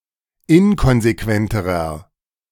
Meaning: inflection of inkonsequent: 1. strong/mixed nominative masculine singular comparative degree 2. strong genitive/dative feminine singular comparative degree 3. strong genitive plural comparative degree
- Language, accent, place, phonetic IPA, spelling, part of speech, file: German, Germany, Berlin, [ˈɪnkɔnzeˌkvɛntəʁɐ], inkonsequenterer, adjective, De-inkonsequenterer.ogg